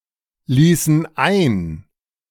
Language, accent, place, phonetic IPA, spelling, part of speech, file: German, Germany, Berlin, [ˌliːsn̩ ˈaɪ̯n], ließen ein, verb, De-ließen ein.ogg
- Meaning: inflection of einlassen: 1. first/third-person plural preterite 2. first/third-person plural subjunctive II